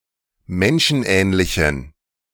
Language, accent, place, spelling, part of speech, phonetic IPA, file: German, Germany, Berlin, menschenähnlichen, adjective, [ˈmɛnʃn̩ˌʔɛːnlɪçn̩], De-menschenähnlichen.ogg
- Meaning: inflection of menschenähnlich: 1. strong genitive masculine/neuter singular 2. weak/mixed genitive/dative all-gender singular 3. strong/weak/mixed accusative masculine singular 4. strong dative plural